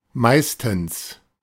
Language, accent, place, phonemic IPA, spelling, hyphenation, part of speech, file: German, Germany, Berlin, /ˈmaɪ̯stn̩s/, meistens, meis‧tens, adverb, De-meistens.ogg
- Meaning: 1. mostly (for the most part) 2. most often, usually, normally (most of the time)